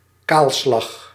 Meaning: 1. clearcutting 2. demolition, site clearance 3. destruction, onslaught
- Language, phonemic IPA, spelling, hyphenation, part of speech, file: Dutch, /ˈkaːl.slɑx/, kaalslag, kaal‧slag, noun, Nl-kaalslag.ogg